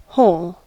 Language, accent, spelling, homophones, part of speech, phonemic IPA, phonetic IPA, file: English, US, hole, whole, noun / verb / adjective, /hoʊl/, [hoɫ], En-us-hole.ogg
- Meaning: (noun) 1. A hollow place or cavity; an excavation; a pit; a dent; a depression; a fissure 2. An opening that goes all the way through a solid body, a fabric, etc.; a perforation; a rent